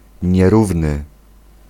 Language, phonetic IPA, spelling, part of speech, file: Polish, [ɲɛˈruvnɨ], nierówny, adjective, Pl-nierówny.ogg